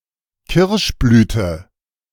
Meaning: 1. cherry blossom (plant part) 2. cherry blossom (season)
- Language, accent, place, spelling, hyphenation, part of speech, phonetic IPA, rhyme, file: German, Germany, Berlin, Kirschblüte, Kirsch‧blü‧te, noun, [ˈkɪʁʃˌblyːtə], -yːtə, De-Kirschblüte.ogg